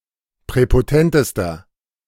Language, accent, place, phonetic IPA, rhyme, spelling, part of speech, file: German, Germany, Berlin, [pʁɛpoˈtɛntəstɐ], -ɛntəstɐ, präpotentester, adjective, De-präpotentester.ogg
- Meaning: inflection of präpotent: 1. strong/mixed nominative masculine singular superlative degree 2. strong genitive/dative feminine singular superlative degree 3. strong genitive plural superlative degree